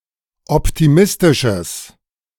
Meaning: strong/mixed nominative/accusative neuter singular of optimistisch
- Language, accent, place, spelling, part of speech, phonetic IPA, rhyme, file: German, Germany, Berlin, optimistisches, adjective, [ˌɔptiˈmɪstɪʃəs], -ɪstɪʃəs, De-optimistisches.ogg